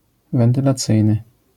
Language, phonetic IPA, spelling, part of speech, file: Polish, [ˌvɛ̃ntɨlaˈt͡sɨjnɨ], wentylacyjny, adjective, LL-Q809 (pol)-wentylacyjny.wav